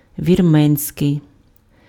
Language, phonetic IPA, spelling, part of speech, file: Ukrainian, [ʋʲirˈmɛnʲsʲkei̯], вірменський, adjective, Uk-вірменський.ogg
- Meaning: Armenian